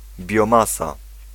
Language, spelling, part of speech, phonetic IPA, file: Polish, biomasa, noun, [bʲjɔ̃ˈmasa], Pl-biomasa.ogg